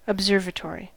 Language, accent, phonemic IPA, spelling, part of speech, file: English, US, /əbˈzɝvətɔɹi/, observatory, noun, En-us-observatory.ogg
- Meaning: A place where stars, planets and other celestial bodies are observed, usually through a telescope; also place for observing meteorological or other natural phenomena